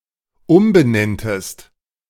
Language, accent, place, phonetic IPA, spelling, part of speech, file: German, Germany, Berlin, [ˈʊmbəˌnɛntəst], umbenenntest, verb, De-umbenenntest.ogg
- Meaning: second-person singular dependent subjunctive II of umbenennen